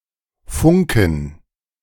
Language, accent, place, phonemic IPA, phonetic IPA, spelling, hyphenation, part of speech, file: German, Germany, Berlin, /ˈfʊŋkən/, [ˈfʊŋkn̩], funken, fun‧ken, verb, De-funken.ogg
- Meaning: 1. to sparkle (to emit sparks) 2. (said of two people falling in love) 3. to radio (to use two-way radio to transmit)